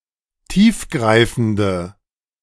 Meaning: inflection of tiefgreifend: 1. strong/mixed nominative/accusative feminine singular 2. strong nominative/accusative plural 3. weak nominative all-gender singular
- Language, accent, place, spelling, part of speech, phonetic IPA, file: German, Germany, Berlin, tiefgreifende, adjective, [ˈtiːfˌɡʁaɪ̯fn̩də], De-tiefgreifende.ogg